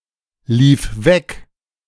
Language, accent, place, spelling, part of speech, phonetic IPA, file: German, Germany, Berlin, lief weg, verb, [ˌliːf ˈvɛk], De-lief weg.ogg
- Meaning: first/third-person singular preterite of weglaufen